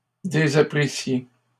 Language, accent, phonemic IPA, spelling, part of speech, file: French, Canada, /de.za.pʁi.sje/, désapprissiez, verb, LL-Q150 (fra)-désapprissiez.wav
- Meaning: second-person plural imperfect subjunctive of désapprendre